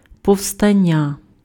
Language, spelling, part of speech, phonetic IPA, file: Ukrainian, повстання, noun, [pɔu̯ˈstanʲːɐ], Uk-повстання.ogg
- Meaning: rebellion, revolt, uprising, insurrection, insurgency